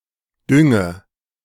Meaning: inflection of düngen: 1. first-person singular present 2. first/third-person singular subjunctive I 3. singular imperative
- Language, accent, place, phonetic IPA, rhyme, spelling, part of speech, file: German, Germany, Berlin, [ˈdʏŋə], -ʏŋə, dünge, verb, De-dünge.ogg